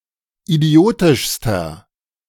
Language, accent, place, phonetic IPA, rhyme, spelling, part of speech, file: German, Germany, Berlin, [iˈdi̯oːtɪʃstɐ], -oːtɪʃstɐ, idiotischster, adjective, De-idiotischster.ogg
- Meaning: inflection of idiotisch: 1. strong/mixed nominative masculine singular superlative degree 2. strong genitive/dative feminine singular superlative degree 3. strong genitive plural superlative degree